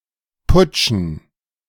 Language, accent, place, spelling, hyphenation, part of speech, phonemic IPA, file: German, Germany, Berlin, putschen, put‧schen, verb, /ˈpʊt͡ʃn̩/, De-putschen.ogg
- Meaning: to organize a coup d'état